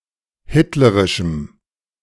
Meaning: strong dative masculine/neuter singular of hitlerisch
- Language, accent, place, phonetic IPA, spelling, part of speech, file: German, Germany, Berlin, [ˈhɪtləʁɪʃm̩], hitlerischem, adjective, De-hitlerischem.ogg